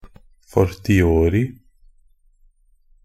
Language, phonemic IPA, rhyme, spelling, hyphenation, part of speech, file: Norwegian Bokmål, /fɔrtɪˈoːrɪ/, -oːrɪ, fortiori, for‧ti‧o‧ri, adverb, NB - Pronunciation of Norwegian Bokmål «fortiori».ogg
- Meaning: only used in a fortiori (“a fortiori”)